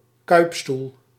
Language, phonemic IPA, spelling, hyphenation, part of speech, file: Dutch, /ˈkœy̯p.stul/, kuipstoel, kuip‧stoel, noun, Nl-kuipstoel.ogg
- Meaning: 1. chair with a seat and back of one piece that (loosely) follows the contours of a seated body 2. bucket seat (in a car or other means of transport)